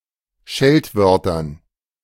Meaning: dative plural of Scheltwort
- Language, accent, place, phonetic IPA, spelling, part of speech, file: German, Germany, Berlin, [ˈʃɛltˌvœʁtɐn], Scheltwörtern, noun, De-Scheltwörtern.ogg